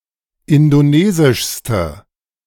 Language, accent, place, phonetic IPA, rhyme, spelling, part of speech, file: German, Germany, Berlin, [ˌɪndoˈneːzɪʃstə], -eːzɪʃstə, indonesischste, adjective, De-indonesischste.ogg
- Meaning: inflection of indonesisch: 1. strong/mixed nominative/accusative feminine singular superlative degree 2. strong nominative/accusative plural superlative degree